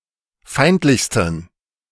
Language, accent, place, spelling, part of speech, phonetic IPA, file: German, Germany, Berlin, feindlichsten, adjective, [ˈfaɪ̯ntlɪçstn̩], De-feindlichsten.ogg
- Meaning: 1. superlative degree of feindlich 2. inflection of feindlich: strong genitive masculine/neuter singular superlative degree